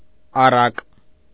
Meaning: fable
- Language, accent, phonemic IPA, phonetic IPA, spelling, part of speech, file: Armenian, Eastern Armenian, /ɑˈrɑk/, [ɑrɑ́k], առակ, noun, Hy-առակ.ogg